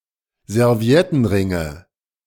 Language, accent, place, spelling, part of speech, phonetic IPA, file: German, Germany, Berlin, Serviettenringe, noun, [zɛʁˈvi̯ɛtn̩ˌʁɪŋə], De-Serviettenringe.ogg
- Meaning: nominative/accusative/genitive plural of Serviettenring